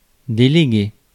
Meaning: 1. to delegate (to commit a task to someone), depute 2. to devolve 3. to appoint, commission
- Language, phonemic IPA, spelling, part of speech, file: French, /de.le.ɡe/, déléguer, verb, Fr-déléguer.ogg